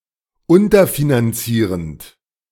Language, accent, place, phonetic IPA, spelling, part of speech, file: German, Germany, Berlin, [ˈʊntɐfinanˌt͡siːʁənt], unterfinanzierend, verb, De-unterfinanzierend.ogg
- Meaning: present participle of unterfinanzieren